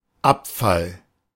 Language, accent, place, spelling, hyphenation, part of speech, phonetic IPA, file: German, Germany, Berlin, Abfall, Ab‧fall, noun, [ˈapfal], De-Abfall.ogg
- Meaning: 1. waste, garbage, rubbish, litter 2. decrease, decline, drop 3. apostasy 4. shutter, lid